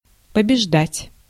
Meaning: 1. to win, to be victorious over, to conquer, to vanquish, to defeat 2. to overcome 3. to beat
- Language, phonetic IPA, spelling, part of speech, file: Russian, [pəbʲɪʐˈdatʲ], побеждать, verb, Ru-побеждать.ogg